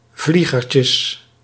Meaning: plural of vliegertje
- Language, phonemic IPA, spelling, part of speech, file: Dutch, /ˈvliɣərcəs/, vliegertjes, noun, Nl-vliegertjes.ogg